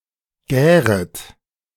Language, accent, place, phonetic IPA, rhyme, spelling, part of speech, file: German, Germany, Berlin, [ˈɡɛːʁət], -ɛːʁət, gäret, verb, De-gäret.ogg
- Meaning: second-person plural subjunctive I of gären